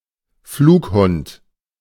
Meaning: megabat
- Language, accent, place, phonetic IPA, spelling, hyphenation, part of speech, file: German, Germany, Berlin, [ˈfluːkˌhʊnt], Flughund, Flug‧hund, noun, De-Flughund.ogg